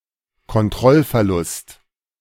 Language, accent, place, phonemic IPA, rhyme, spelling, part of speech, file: German, Germany, Berlin, /ˈkɔnˈtrɔlfɛɐ̯lʊst/, -ʊst, Kontrollverlust, noun, De-Kontrollverlust.ogg
- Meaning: loss of control